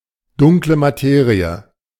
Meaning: dark matter
- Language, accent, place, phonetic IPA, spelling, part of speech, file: German, Germany, Berlin, [ˌdʊŋklə maˈteːʁiə], Dunkle Materie, phrase, De-Dunkle Materie.ogg